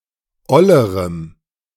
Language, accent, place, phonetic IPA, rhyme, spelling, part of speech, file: German, Germany, Berlin, [ˈɔləʁəm], -ɔləʁəm, ollerem, adjective, De-ollerem.ogg
- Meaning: strong dative masculine/neuter singular comparative degree of oll